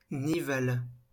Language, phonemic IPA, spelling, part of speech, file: French, /ni.val/, nival, adjective, LL-Q150 (fra)-nival.wav
- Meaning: snow